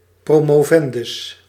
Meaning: doctoral student, doctoral candidate
- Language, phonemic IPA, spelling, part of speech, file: Dutch, /promoˈvɛndʏs/, promovendus, noun, Nl-promovendus.ogg